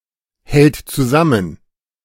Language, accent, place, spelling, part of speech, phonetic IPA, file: German, Germany, Berlin, hält zusammen, verb, [ˌhɛlt t͡suˈzamən], De-hält zusammen.ogg
- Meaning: third-person singular present of zusammenhalten